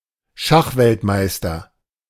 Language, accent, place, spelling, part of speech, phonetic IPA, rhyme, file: German, Germany, Berlin, Schachweltmeister, noun, [ˈʃaxvɛltˌmaɪ̯stɐ], -axvɛltmaɪ̯stɐ, De-Schachweltmeister.ogg
- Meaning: world chess champion